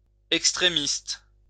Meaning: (adjective) extremist; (noun) an extremist
- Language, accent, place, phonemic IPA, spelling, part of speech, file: French, France, Lyon, /ɛk.stʁe.mist/, extrémiste, adjective / noun, LL-Q150 (fra)-extrémiste.wav